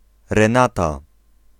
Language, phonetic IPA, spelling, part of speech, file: Polish, [rɛ̃ˈnata], Renata, proper noun / noun, Pl-Renata.ogg